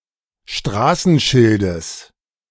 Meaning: genitive singular of Straßenschild
- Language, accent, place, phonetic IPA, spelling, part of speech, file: German, Germany, Berlin, [ˈʃtʁaːsn̩ˌʃɪldəs], Straßenschildes, noun, De-Straßenschildes.ogg